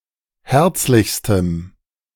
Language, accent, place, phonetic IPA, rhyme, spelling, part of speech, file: German, Germany, Berlin, [ˈhɛʁt͡slɪçstəm], -ɛʁt͡slɪçstəm, herzlichstem, adjective, De-herzlichstem.ogg
- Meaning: strong dative masculine/neuter singular superlative degree of herzlich